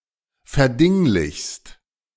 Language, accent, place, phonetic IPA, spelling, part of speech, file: German, Germany, Berlin, [fɛɐ̯ˈdɪŋlɪçst], verdinglichst, verb, De-verdinglichst.ogg
- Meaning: second-person singular present of verdinglichen